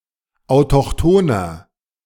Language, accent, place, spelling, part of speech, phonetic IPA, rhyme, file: German, Germany, Berlin, autochthoner, adjective, [aʊ̯tɔxˈtoːnɐ], -oːnɐ, De-autochthoner.ogg
- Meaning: inflection of autochthon: 1. strong/mixed nominative masculine singular 2. strong genitive/dative feminine singular 3. strong genitive plural